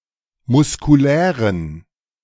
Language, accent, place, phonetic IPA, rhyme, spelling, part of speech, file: German, Germany, Berlin, [mʊskuˈlɛːʁən], -ɛːʁən, muskulären, adjective, De-muskulären.ogg
- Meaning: inflection of muskulär: 1. strong genitive masculine/neuter singular 2. weak/mixed genitive/dative all-gender singular 3. strong/weak/mixed accusative masculine singular 4. strong dative plural